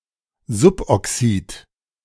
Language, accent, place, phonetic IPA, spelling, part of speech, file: German, Germany, Berlin, [ˈzʊpʔɔˌksiːt], Suboxid, noun, De-Suboxid.ogg
- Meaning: suboxide